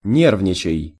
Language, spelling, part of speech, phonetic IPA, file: Russian, нервничай, verb, [ˈnʲervnʲɪt͡ɕɪj], Ru-нервничай.ogg
- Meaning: second-person singular imperative imperfective of не́рвничать (nérvničatʹ)